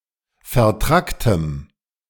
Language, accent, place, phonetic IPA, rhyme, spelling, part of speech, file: German, Germany, Berlin, [fɛɐ̯ˈtʁaktəm], -aktəm, vertracktem, adjective, De-vertracktem.ogg
- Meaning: strong dative masculine/neuter singular of vertrackt